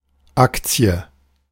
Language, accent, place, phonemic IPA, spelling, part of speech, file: German, Germany, Berlin, /ˈak.tsi̯ə/, Aktie, noun, De-Aktie.ogg
- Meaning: 1. share, stock 2. legal claim